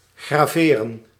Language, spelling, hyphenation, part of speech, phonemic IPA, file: Dutch, graveren, gra‧ve‧ren, verb, /ɣraːˈveːrə(n)/, Nl-graveren.ogg
- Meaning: to engrave